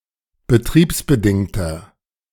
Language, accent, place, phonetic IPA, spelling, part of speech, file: German, Germany, Berlin, [bəˈtʁiːpsbəˌdɪŋtɐ], betriebsbedingter, adjective, De-betriebsbedingter.ogg
- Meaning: inflection of betriebsbedingt: 1. strong/mixed nominative masculine singular 2. strong genitive/dative feminine singular 3. strong genitive plural